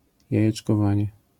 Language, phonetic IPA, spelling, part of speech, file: Polish, [ˌjäjɛt͡ʃkɔˈvãɲɛ], jajeczkowanie, noun, LL-Q809 (pol)-jajeczkowanie.wav